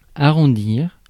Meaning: 1. to round (make round) 2. to round up, round down or round off
- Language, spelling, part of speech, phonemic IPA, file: French, arrondir, verb, /a.ʁɔ̃.diʁ/, Fr-arrondir.ogg